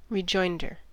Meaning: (noun) 1. The defendant's answer to the replication 2. A response that answers another response 3. A quick response that involves disagreement or is witty, especially an answer to a question
- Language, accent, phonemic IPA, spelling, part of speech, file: English, US, /ɹɪˈd͡ʒɔɪndɚ/, rejoinder, noun / verb, En-us-rejoinder.ogg